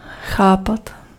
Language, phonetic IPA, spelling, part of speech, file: Czech, [ˈxaːpat], chápat, verb, Cs-chápat.ogg
- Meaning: 1. to understand 2. imperfective form of chopit